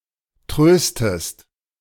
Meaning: inflection of trösten: 1. second-person singular present 2. second-person singular subjunctive I
- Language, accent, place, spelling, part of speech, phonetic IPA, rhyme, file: German, Germany, Berlin, tröstest, verb, [ˈtʁøːstəst], -øːstəst, De-tröstest.ogg